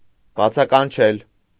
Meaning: to exclaim, to call out, to call
- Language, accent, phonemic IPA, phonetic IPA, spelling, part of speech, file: Armenian, Eastern Armenian, /bɑt͡sʰɑkɑnˈt͡ʃʰel/, [bɑt͡sʰɑkɑnt͡ʃʰél], բացականչել, verb, Hy-բացականչել.ogg